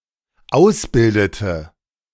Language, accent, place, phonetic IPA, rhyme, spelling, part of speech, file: German, Germany, Berlin, [ˈaʊ̯sˌbɪldətə], -aʊ̯sbɪldətə, ausbildete, verb, De-ausbildete.ogg
- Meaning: inflection of ausbilden: 1. first/third-person singular dependent preterite 2. first/third-person singular dependent subjunctive II